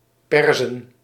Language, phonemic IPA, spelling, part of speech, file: Dutch, /ˈpɛr.zə(n)/, Perzen, noun, Nl-Perzen.ogg
- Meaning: plural of Pers